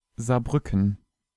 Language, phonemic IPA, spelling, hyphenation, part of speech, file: German, /zaːɐ̯ˈbʁʏkən/, Saarbrücken, Saar‧brü‧cken, proper noun, De-Saarbrücken.ogg
- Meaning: 1. Saarbrücken (the capital city of Saarland) 2. a special district (Kommunalverband besonderer Art) of Saarland; full name Regionalverband Saarbrücken